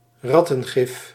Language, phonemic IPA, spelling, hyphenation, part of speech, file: Dutch, /ˈrɑ.tə(n)ˌɣɪf/, rattengif, rat‧ten‧gif, noun, Nl-rattengif.ogg
- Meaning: rat poison